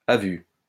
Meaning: by sight, on sight
- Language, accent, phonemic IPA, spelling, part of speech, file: French, France, /a vy/, à vue, adverb, LL-Q150 (fra)-à vue.wav